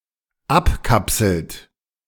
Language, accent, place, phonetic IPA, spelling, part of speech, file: German, Germany, Berlin, [ˈapˌkapsl̩t], abkapselt, verb, De-abkapselt.ogg
- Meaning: inflection of abkapseln: 1. third-person singular dependent present 2. second-person plural dependent present